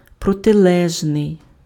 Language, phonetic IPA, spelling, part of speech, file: Ukrainian, [prɔteˈɫɛʒnei̯], протилежний, adjective, Uk-протилежний.ogg
- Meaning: 1. opposite 2. opposed, contrary, adverse